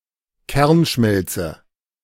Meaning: nuclear meltdown
- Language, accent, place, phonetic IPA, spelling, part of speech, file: German, Germany, Berlin, [ˈkɛʁnˌʃmɛlt͡sə], Kernschmelze, noun, De-Kernschmelze.ogg